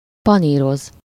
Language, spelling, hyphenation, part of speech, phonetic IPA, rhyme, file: Hungarian, paníroz, pa‧ní‧roz, verb, [ˈpɒniːroz], -oz, Hu-paníroz.ogg
- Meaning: to bread, breadcrumb, fry in breadcrumbs